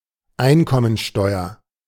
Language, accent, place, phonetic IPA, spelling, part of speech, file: German, Germany, Berlin, [ˈaɪ̯nkɔmənˌʃtɔɪ̯ɐ], Einkommensteuer, noun, De-Einkommensteuer.ogg
- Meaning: income tax